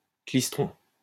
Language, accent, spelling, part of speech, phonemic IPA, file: French, France, klystron, noun, /klis.tʁɔ̃/, LL-Q150 (fra)-klystron.wav
- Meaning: klystron